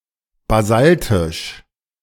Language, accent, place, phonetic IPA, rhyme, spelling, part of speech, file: German, Germany, Berlin, [baˈzaltɪʃ], -altɪʃ, basaltisch, adjective, De-basaltisch.ogg
- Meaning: basaltic